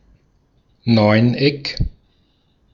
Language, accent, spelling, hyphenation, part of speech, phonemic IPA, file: German, Austria, Neuneck, Neun‧eck, noun, /ˈnɔɪ̯nˌ.ɛk/, De-at-Neuneck.ogg
- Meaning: nonagon